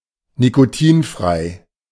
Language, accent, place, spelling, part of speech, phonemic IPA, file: German, Germany, Berlin, nikotinfrei, adjective, /nikoˈtiːnfʁaɪ̯/, De-nikotinfrei.ogg
- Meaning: nicotine-free